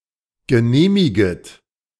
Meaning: second-person plural subjunctive I of genehmigen
- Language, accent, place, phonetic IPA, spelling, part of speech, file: German, Germany, Berlin, [ɡəˈneːmɪɡət], genehmiget, verb, De-genehmiget.ogg